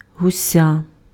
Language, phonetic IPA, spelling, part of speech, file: Ukrainian, [ɦʊˈsʲa], гуся, noun, Uk-гуся.ogg
- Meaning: 1. young goose 2. inflection of гу́сь (húsʹ): genitive singular 3. inflection of гу́сь (húsʹ): accusative singular